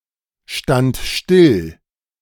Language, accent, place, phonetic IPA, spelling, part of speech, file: German, Germany, Berlin, [ˌʃtant ˈʃtɪl], stand still, verb, De-stand still.ogg
- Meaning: first/third-person singular preterite of stillstehen